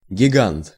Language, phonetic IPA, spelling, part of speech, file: Russian, [ɡʲɪˈɡant], гигант, noun, Ru-гигант.ogg
- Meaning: giant